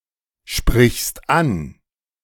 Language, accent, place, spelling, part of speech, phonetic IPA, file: German, Germany, Berlin, sprichst an, verb, [ˌʃpʁɪçst ˈan], De-sprichst an.ogg
- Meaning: second-person singular present of ansprechen